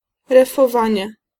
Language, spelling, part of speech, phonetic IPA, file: Polish, refowanie, noun, [ˌrɛfɔˈvãɲɛ], Pl-refowanie.ogg